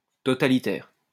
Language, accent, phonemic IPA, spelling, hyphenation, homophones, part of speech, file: French, France, /tɔ.ta.li.tɛʁ/, totalitaire, to‧ta‧li‧taire, totalitaires, adjective, LL-Q150 (fra)-totalitaire.wav
- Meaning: 1. totalitarian 2. total, complete